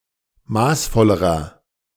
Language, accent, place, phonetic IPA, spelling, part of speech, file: German, Germany, Berlin, [ˈmaːsˌfɔləʁɐ], maßvollerer, adjective, De-maßvollerer.ogg
- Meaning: inflection of maßvoll: 1. strong/mixed nominative masculine singular comparative degree 2. strong genitive/dative feminine singular comparative degree 3. strong genitive plural comparative degree